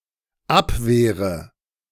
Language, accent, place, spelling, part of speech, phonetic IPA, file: German, Germany, Berlin, abwehre, verb, [ˈapˌveːʁə], De-abwehre.ogg
- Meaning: inflection of abwehren: 1. first-person singular dependent present 2. first/third-person singular dependent subjunctive I